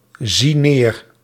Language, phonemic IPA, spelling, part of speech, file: Dutch, /ˈzi ˈner/, zie neer, verb, Nl-zie neer.ogg
- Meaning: inflection of neerzien: 1. first-person singular present indicative 2. second-person singular present indicative 3. imperative 4. singular present subjunctive